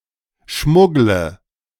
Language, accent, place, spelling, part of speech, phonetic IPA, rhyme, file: German, Germany, Berlin, schmuggle, verb, [ˈʃmʊɡlə], -ʊɡlə, De-schmuggle.ogg
- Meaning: inflection of schmuggeln: 1. first-person singular present 2. singular imperative 3. first/third-person singular subjunctive I